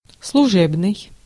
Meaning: 1. office 2. official 3. secondary, subordinate, subservient 4. relational
- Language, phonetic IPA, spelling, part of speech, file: Russian, [sɫʊˈʐɛbnɨj], служебный, adjective, Ru-служебный.ogg